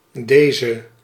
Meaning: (determiner) 1. this; referring to a thing or a person closer by 2. these; referring to things or people closer by; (pronoun) 1. this (one) 2. those (ones)
- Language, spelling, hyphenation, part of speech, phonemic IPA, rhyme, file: Dutch, deze, de‧ze, determiner / pronoun, /ˈdeːzə/, -eːzə, Nl-deze.ogg